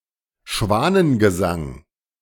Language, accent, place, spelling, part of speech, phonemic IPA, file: German, Germany, Berlin, Schwanengesang, noun, /ˈʃvaːnənɡəˌzaŋ/, De-Schwanengesang.ogg
- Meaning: swan song (a final performance)